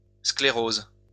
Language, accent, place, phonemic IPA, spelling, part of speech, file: French, France, Lyon, /skle.ʁoz/, sclérose, noun / verb, LL-Q150 (fra)-sclérose.wav
- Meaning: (noun) sclerosis; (verb) inflection of scléroser: 1. first/third-person singular present indicative/subjunctive 2. second-person singular imperative